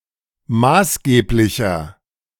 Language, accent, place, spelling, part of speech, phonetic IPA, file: German, Germany, Berlin, maßgeblicher, adjective, [ˈmaːsˌɡeːplɪçɐ], De-maßgeblicher.ogg
- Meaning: 1. comparative degree of maßgeblich 2. inflection of maßgeblich: strong/mixed nominative masculine singular 3. inflection of maßgeblich: strong genitive/dative feminine singular